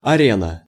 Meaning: arena
- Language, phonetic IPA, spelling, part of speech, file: Russian, [ɐˈrʲenə], арена, noun, Ru-арена.ogg